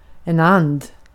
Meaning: 1. a wild duck 2. a wild duck: a mallard
- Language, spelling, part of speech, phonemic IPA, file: Swedish, and, noun, /and/, Sv-and.ogg